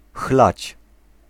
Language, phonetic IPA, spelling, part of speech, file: Polish, [xlat͡ɕ], chlać, verb, Pl-chlać.ogg